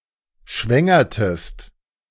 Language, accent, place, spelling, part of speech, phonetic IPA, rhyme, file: German, Germany, Berlin, schwängertest, verb, [ˈʃvɛŋɐtəst], -ɛŋɐtəst, De-schwängertest.ogg
- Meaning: inflection of schwängern: 1. second-person singular preterite 2. second-person singular subjunctive II